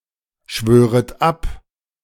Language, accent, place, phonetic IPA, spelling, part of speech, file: German, Germany, Berlin, [ˌʃvøːʁət ˈap], schwöret ab, verb, De-schwöret ab.ogg
- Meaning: second-person plural subjunctive I of abschwören